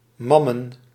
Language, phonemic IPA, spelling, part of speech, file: Dutch, /ˈmɑmə(n)/, mammen, noun, Nl-mammen.ogg
- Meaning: plural of mam